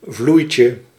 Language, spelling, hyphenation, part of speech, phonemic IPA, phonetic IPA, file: Dutch, vloeitje, vloei‧tje, noun, /ˈvlui̯.tjə/, [ˈvlui̯.cə], Nl-vloeitje.ogg
- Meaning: a piece of cigarette paper, a piece of rolling paper, a skin